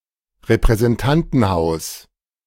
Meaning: House of Representatives
- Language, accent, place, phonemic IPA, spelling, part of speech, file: German, Germany, Berlin, /ʁepʁɛzɛnˈtantənˌhaʊ̯s/, Repräsentantenhaus, noun, De-Repräsentantenhaus.ogg